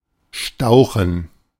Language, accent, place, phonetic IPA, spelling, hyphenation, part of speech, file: German, Germany, Berlin, [ˈʃtaʊ̯xn̩], stauchen, stau‧chen, verb, De-stauchen.ogg
- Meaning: 1. to compress (with deformation) 2. to upset; to perform a forming operation that increases a workpiece's diameter by decreasing its length